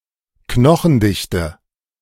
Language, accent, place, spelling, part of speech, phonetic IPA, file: German, Germany, Berlin, Knochendichte, noun, [ˈknɔxn̩ˌdɪçtə], De-Knochendichte.ogg
- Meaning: bone density